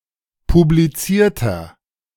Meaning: inflection of publiziert: 1. strong/mixed nominative masculine singular 2. strong genitive/dative feminine singular 3. strong genitive plural
- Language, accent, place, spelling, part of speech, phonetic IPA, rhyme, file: German, Germany, Berlin, publizierter, adjective, [publiˈt͡siːɐ̯tɐ], -iːɐ̯tɐ, De-publizierter.ogg